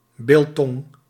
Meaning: biltong
- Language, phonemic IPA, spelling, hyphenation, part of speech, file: Dutch, /ˈbɪl.tɔŋ/, biltong, bil‧tong, noun, Nl-biltong.ogg